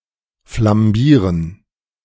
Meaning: to flambé
- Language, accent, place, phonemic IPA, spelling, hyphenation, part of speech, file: German, Germany, Berlin, /flamˈbiːʁən/, flambieren, flam‧bie‧ren, verb, De-flambieren.ogg